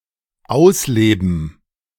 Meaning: 1. to act out, to live out (have the chance to freely put something into practice - dreams, wishes, sentiments, habits) 2. to live life to the fullest, to enjoy life
- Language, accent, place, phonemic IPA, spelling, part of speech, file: German, Germany, Berlin, /ˈaʊ̯sˌleːbn̩/, ausleben, verb, De-ausleben2.ogg